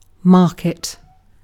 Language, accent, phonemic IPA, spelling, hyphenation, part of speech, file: English, UK, /ˈmɑːkɪt/, market, mar‧ket, noun / verb, En-uk-market.ogg
- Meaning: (noun) A gathering of people for the purchase and sale of merchandise, often periodic at a set time